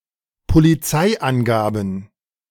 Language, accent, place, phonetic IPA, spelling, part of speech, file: German, Germany, Berlin, [poliˈt͡saɪ̯ʔanˌɡaːbn̩], Polizeiangaben, noun, De-Polizeiangaben.ogg
- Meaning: plural of Polizeiangabe